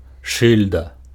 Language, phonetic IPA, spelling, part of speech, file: Belarusian, [ˈʂɨlʲda], шыльда, noun, Be-шыльда.ogg
- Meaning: signboard (a board carrying a sign)